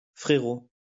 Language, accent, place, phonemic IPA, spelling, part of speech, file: French, France, Lyon, /fʁe.ʁo/, frérot, noun, LL-Q150 (fra)-frérot.wav
- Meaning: 1. little brother, kid 2. bro